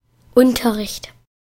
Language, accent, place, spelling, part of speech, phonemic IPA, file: German, Germany, Berlin, Unterricht, noun, /ˈʊntɐˌʁɪçt/, De-Unterricht.ogg
- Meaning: lesson, class, instruction, education